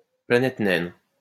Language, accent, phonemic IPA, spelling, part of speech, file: French, France, /pla.nɛt nɛn/, planète naine, noun, LL-Q150 (fra)-planète naine.wav
- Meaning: dwarf planet